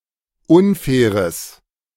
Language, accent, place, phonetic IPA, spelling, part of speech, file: German, Germany, Berlin, [ˈʊnˌfɛːʁəs], unfaires, adjective, De-unfaires.ogg
- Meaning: strong/mixed nominative/accusative neuter singular of unfair